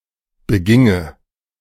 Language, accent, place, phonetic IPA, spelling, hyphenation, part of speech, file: German, Germany, Berlin, [bəˈɡɪŋə], beginge, be‧gin‧ge, verb, De-beginge.ogg
- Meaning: first/third-person singular subjunctive II of begehen